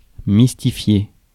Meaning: to mystify, fool
- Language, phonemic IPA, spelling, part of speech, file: French, /mis.ti.fje/, mystifier, verb, Fr-mystifier.ogg